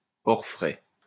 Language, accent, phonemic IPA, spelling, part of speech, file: French, France, /ɔʁ.fʁɛ/, orfraie, noun, LL-Q150 (fra)-orfraie.wav
- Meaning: 1. white-tailed eagle (Haliaeetus albicilla) 2. osprey 3. bird of ill omen